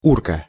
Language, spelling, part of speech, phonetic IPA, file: Russian, урка, noun, [ˈurkə], Ru-урка.ogg
- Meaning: 1. professional criminal, career criminal, gangster, thug, thief, crook 2. career convict, inmate